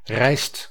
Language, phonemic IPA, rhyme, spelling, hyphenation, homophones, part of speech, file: Dutch, /rɛi̯st/, -ɛi̯st, rijst, rijst, reist, noun / verb, Nl-rijst.ogg
- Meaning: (noun) rice; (verb) inflection of rijzen: 1. second/third-person singular present indicative 2. plural imperative